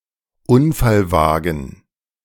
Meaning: 1. a car that has been affected by an accident 2. the car that caused the accident
- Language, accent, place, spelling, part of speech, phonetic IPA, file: German, Germany, Berlin, Unfallwagen, noun, [ˈʊnfalˌvaːɡn̩], De-Unfallwagen.ogg